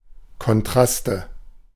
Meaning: nominative/accusative/genitive plural of Kontrast
- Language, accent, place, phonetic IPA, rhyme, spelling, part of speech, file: German, Germany, Berlin, [kɔnˈtʁastə], -astə, Kontraste, noun, De-Kontraste.ogg